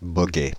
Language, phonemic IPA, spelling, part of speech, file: French, /bɔ.ɡɛ/, boguet, noun, Fr-boguet.ogg
- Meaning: moped